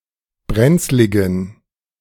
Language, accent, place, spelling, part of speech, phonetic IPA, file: German, Germany, Berlin, brenzligen, adjective, [ˈbʁɛnt͡slɪɡn̩], De-brenzligen.ogg
- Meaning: inflection of brenzlig: 1. strong genitive masculine/neuter singular 2. weak/mixed genitive/dative all-gender singular 3. strong/weak/mixed accusative masculine singular 4. strong dative plural